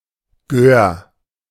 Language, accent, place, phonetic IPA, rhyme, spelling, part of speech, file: German, Germany, Berlin, [ɡøːɐ̯], -øːɐ̯, Gör, noun, De-Gör.ogg
- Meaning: alternative form of Göre